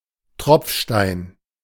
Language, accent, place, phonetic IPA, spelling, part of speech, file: German, Germany, Berlin, [ˈtʁɔpfʃtaɪ̯n], Tropfstein, noun, De-Tropfstein.ogg
- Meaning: dripstone: stalactite or stalagmite